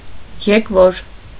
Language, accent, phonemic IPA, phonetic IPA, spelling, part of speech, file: Armenian, Eastern Armenian, /jekˈvoɾ/, [jekvóɾ], եկվոր, noun / adjective, Hy-եկվոր.ogg
- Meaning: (noun) newcomer, stranger; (adjective) newcome, alien, foreign, nonlocal